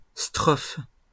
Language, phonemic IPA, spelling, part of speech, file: French, /stʁɔf/, strophes, noun, LL-Q150 (fra)-strophes.wav
- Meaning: plural of strophe